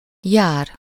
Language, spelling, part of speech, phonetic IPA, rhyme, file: Hungarian, jár, verb, [ˈjaːr], -aːr, Hu-jár.ogg
- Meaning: to go, to move between places, whether on foot or by transportation: to walk, to ambulate (to move by alternately setting each foot forward)